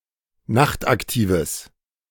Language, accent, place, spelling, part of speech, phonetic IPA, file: German, Germany, Berlin, nachtaktives, adjective, [ˈnaxtʔakˌtiːvəs], De-nachtaktives.ogg
- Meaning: strong/mixed nominative/accusative neuter singular of nachtaktiv